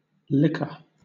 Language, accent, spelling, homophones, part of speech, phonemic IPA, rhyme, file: English, Southern England, liquor, licker, noun / verb, /ˈlɪk.ə(ɹ)/, -ɪkə(ɹ), LL-Q1860 (eng)-liquor.wav
- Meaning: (noun) 1. A liquid, a fluid 2. A beverage, any drinkable liquid 3. A liquid obtained by cooking meat or vegetables (or both) 4. A parsley sauce commonly served with traditional pies and mash